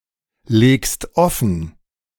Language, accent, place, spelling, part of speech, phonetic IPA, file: German, Germany, Berlin, legst offen, verb, [ˌleːkst ˈɔfn̩], De-legst offen.ogg
- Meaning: second-person singular present of offenlegen